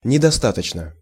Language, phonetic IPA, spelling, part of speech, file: Russian, [nʲɪdɐˈstatət͡ɕnə], недостаточно, adverb / adjective, Ru-недостаточно.ogg
- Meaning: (adverb) insufficiently (not sufficiently); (adjective) short neuter singular of недоста́точный (nedostátočnyj)